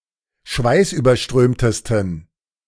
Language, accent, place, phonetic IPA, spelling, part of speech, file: German, Germany, Berlin, [ˈʃvaɪ̯sʔyːbɐˌʃtʁøːmtəstn̩], schweißüberströmtesten, adjective, De-schweißüberströmtesten.ogg
- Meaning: 1. superlative degree of schweißüberströmt 2. inflection of schweißüberströmt: strong genitive masculine/neuter singular superlative degree